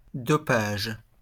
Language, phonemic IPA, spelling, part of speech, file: French, /dɔ.paʒ/, dopage, noun, LL-Q150 (fra)-dopage.wav
- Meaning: doping